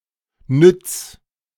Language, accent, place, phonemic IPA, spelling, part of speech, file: German, Germany, Berlin, /ˈnʏt͡s/, nütz, verb, De-nütz.ogg
- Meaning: 1. singular imperative of nützen 2. first-person singular present of nützen